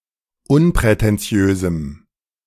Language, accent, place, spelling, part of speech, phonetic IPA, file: German, Germany, Berlin, unprätentiösem, adjective, [ˈʊnpʁɛtɛnˌt͡si̯øːzm̩], De-unprätentiösem.ogg
- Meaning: strong dative masculine/neuter singular of unprätentiös